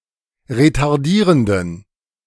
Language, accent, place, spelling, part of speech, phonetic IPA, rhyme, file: German, Germany, Berlin, retardierenden, adjective, [ʁetaʁˈdiːʁəndn̩], -iːʁəndn̩, De-retardierenden.ogg
- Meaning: inflection of retardierend: 1. strong genitive masculine/neuter singular 2. weak/mixed genitive/dative all-gender singular 3. strong/weak/mixed accusative masculine singular 4. strong dative plural